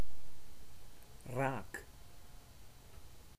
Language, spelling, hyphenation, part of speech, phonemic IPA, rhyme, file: Dutch, raak, raak, adjective / noun / verb, /raːk/, -aːk, Nl-raak.ogg
- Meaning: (adjective) 1. hitting; to the point 2. on target; scoring; counting 3. pregnant; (noun) rake; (verb) inflection of raken: first-person singular present indicative